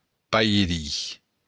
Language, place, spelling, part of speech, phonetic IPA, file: Occitan, Béarn, pairin, noun, [pajˈɾi], LL-Q14185 (oci)-pairin.wav
- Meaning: godfather